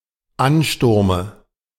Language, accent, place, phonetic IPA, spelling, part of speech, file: German, Germany, Berlin, [ˈanˌʃtʊʁmə], Ansturme, noun, De-Ansturme.ogg
- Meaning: dative singular of Ansturm